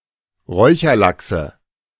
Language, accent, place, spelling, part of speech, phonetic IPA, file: German, Germany, Berlin, Räucherlachse, noun, [ˈʁɔɪ̯çɐˌlaksə], De-Räucherlachse.ogg
- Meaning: nominative/accusative/genitive plural of Räucherlachs